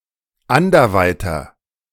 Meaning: inflection of anderweit: 1. strong/mixed nominative masculine singular 2. strong genitive/dative feminine singular 3. strong genitive plural
- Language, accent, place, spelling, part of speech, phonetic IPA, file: German, Germany, Berlin, anderweiter, adjective, [ˈandɐˌvaɪ̯tɐ], De-anderweiter.ogg